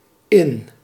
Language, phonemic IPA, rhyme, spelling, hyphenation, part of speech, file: Dutch, /ɪn/, -ɪn, in, in, preposition / adverb / adjective / verb, Nl-in.ogg
- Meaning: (preposition) in (expressing containment); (adverb) 1. in, inside 2. into; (adjective) in style, fashionable; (verb) inflection of innen: first-person singular present indicative